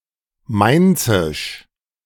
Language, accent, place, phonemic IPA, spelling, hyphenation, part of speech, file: German, Germany, Berlin, /ˈmaɪ̯nt͡sɪʃ/, mainzisch, main‧zisch, adjective, De-mainzisch.ogg
- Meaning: of Mainz